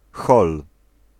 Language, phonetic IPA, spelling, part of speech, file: Polish, [xɔl], hol, noun, Pl-hol.ogg